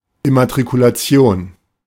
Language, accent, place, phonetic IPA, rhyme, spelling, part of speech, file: German, Germany, Berlin, [ɪmatʁikulaˈt͡si̯oːn], -oːn, Immatrikulation, noun, De-Immatrikulation.ogg
- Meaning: 1. registration, addition to the register of students (at a school) 2. vehicle registration